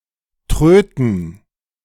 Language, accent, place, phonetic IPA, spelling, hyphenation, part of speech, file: German, Germany, Berlin, [ˈtʁøːtn̩], Tröten, Trö‧ten, noun, De-Tröten.ogg
- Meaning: plural of Tröte